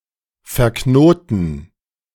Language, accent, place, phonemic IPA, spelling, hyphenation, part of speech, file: German, Germany, Berlin, /fɛɐ̯ˈknoːtn̩/, verknoten, ver‧kno‧ten, verb, De-verknoten.ogg
- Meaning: 1. to tie up, to tie in a knot 2. to become knotted